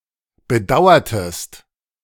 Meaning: inflection of bedauern: 1. second-person singular preterite 2. second-person singular subjunctive II
- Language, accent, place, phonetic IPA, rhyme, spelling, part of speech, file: German, Germany, Berlin, [bəˈdaʊ̯ɐtəst], -aʊ̯ɐtəst, bedauertest, verb, De-bedauertest.ogg